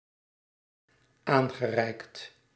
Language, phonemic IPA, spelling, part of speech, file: Dutch, /ˈaŋɣəˌrɛikt/, aangereikt, verb, Nl-aangereikt.ogg
- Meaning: past participle of aanreiken